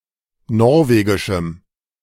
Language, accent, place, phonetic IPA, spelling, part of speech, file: German, Germany, Berlin, [ˈnɔʁveːɡɪʃm̩], norwegischem, adjective, De-norwegischem.ogg
- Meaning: strong dative masculine/neuter singular of norwegisch